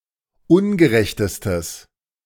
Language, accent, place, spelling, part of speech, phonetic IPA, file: German, Germany, Berlin, ungerechtestes, adjective, [ˈʊnɡəˌʁɛçtəstəs], De-ungerechtestes.ogg
- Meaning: strong/mixed nominative/accusative neuter singular superlative degree of ungerecht